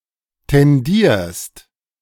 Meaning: second-person singular present of tendieren
- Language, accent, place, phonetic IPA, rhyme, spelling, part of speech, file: German, Germany, Berlin, [tɛnˈdiːɐ̯st], -iːɐ̯st, tendierst, verb, De-tendierst.ogg